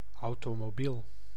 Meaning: automobile, car
- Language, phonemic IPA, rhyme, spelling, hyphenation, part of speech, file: Dutch, /ɑu̯.toː.moːˈbil/, -il, automobiel, au‧to‧mo‧biel, noun, Nl-automobiel.ogg